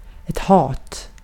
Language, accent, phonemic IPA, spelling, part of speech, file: Swedish, Sweden, /hɑːt/, hat, noun, Sv-hat.ogg
- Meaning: hate, hatred